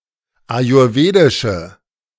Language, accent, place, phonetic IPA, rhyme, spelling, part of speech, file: German, Germany, Berlin, [ajʊʁˈveːdɪʃə], -eːdɪʃə, ayurwedische, adjective, De-ayurwedische.ogg
- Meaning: inflection of ayurwedisch: 1. strong/mixed nominative/accusative feminine singular 2. strong nominative/accusative plural 3. weak nominative all-gender singular